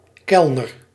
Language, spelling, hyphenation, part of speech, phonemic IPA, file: Dutch, kelner, kel‧ner, noun, /ˈkɛlnər/, Nl-kelner.ogg
- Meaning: waiter (a server in a restaurant or similar)